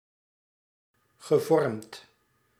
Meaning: past participle of vormen
- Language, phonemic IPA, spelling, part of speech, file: Dutch, /ɣəˈvɔrᵊmt/, gevormd, verb / adjective, Nl-gevormd.ogg